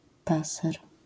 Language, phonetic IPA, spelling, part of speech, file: Polish, [ˈpasɛr], paser, noun, LL-Q809 (pol)-paser.wav